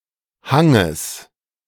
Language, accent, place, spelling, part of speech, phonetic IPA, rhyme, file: German, Germany, Berlin, Hanges, noun, [ˈhaŋəs], -aŋəs, De-Hanges.ogg
- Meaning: genitive singular of Hang